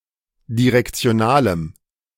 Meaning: strong dative masculine/neuter singular of direktional
- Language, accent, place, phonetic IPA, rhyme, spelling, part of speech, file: German, Germany, Berlin, [diʁɛkt͡si̯oˈnaːləm], -aːləm, direktionalem, adjective, De-direktionalem.ogg